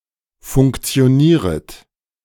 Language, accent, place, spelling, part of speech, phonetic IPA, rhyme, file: German, Germany, Berlin, funktionieret, verb, [fʊŋkt͡si̯oˈniːʁət], -iːʁət, De-funktionieret.ogg
- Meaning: second-person plural subjunctive I of funktionieren